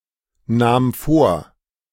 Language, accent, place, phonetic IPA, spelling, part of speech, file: German, Germany, Berlin, [ˌnaːm ˈfoːɐ̯], nahm vor, verb, De-nahm vor.ogg
- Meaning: first/third-person singular preterite of vornehmen